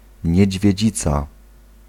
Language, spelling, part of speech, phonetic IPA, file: Polish, niedźwiedzica, noun, [ˌɲɛ̇d͡ʑvʲjɛ̇ˈd͡ʑit͡sa], Pl-niedźwiedzica.ogg